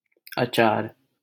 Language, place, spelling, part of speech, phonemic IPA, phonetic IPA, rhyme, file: Hindi, Delhi, अचार, noun, /ə.t͡ʃɑːɾ/, [ɐ.t͡ʃäːɾ], -ɑːɾ, LL-Q1568 (hin)-अचार.wav
- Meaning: achar (a spicy and salty pickle of Indian cuisine)